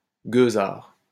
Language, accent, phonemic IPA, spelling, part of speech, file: French, France, /ɡø.zaʁ/, gueusard, noun, LL-Q150 (fra)-gueusard.wav
- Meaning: rascal, crook, swindler